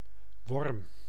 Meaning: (noun) worm, vernacular term for various, mostly legless invertebrates; often nematodes or legless arthropod larvae; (verb) inflection of wormen: first-person singular present indicative
- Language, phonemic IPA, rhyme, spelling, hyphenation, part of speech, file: Dutch, /ʋɔrm/, -ɔrm, worm, worm, noun / verb, Nl-worm.ogg